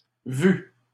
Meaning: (noun) 1. plural of vue 2. cinema, movie theater; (verb) feminine plural of vu
- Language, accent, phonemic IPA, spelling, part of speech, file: French, Canada, /vy/, vues, noun / verb, LL-Q150 (fra)-vues.wav